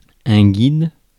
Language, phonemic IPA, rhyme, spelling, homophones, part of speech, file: French, /ɡid/, -id, guide, guides, noun, Fr-guide.ogg
- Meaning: 1. guide person 2. guidebook, or set itinerary